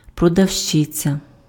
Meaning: female equivalent of продаве́ць (prodavécʹ): 1. seller, saleswoman, vendor 2. shop assistant, salesclerk (shop employee)
- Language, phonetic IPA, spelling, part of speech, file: Ukrainian, [prɔdɐu̯ʃˈt͡ʃɪt͡sʲɐ], продавщиця, noun, Uk-продавщиця.ogg